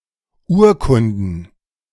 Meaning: plural of Urkunde
- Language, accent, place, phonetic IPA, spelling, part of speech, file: German, Germany, Berlin, [ˈuːɐ̯kʊndn̩], Urkunden, noun, De-Urkunden.ogg